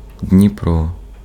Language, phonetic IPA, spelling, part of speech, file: Ukrainian, [dʲnʲiˈprɔ], Дніпро, proper noun, Uk-Дніпро.ogg
- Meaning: 1. Dnieper (major river in Eastern Europe, flowing South through Ukraine, Belarus and Russia) 2. Dnipro (a major city in Ukraine, previously called Дніпропетро́вськ)